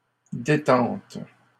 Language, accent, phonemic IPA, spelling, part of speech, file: French, Canada, /de.tɑ̃t/, détentes, noun, LL-Q150 (fra)-détentes.wav
- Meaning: plural of détente